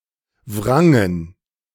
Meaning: first/third-person plural preterite of wringen
- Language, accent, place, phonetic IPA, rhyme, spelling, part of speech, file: German, Germany, Berlin, [ˈvʁaŋən], -aŋən, wrangen, verb, De-wrangen.ogg